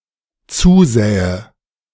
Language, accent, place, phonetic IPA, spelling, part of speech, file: German, Germany, Berlin, [ˈt͡suːˌzɛːə], zusähe, verb, De-zusähe.ogg
- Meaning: first/third-person singular dependent subjunctive II of zusehen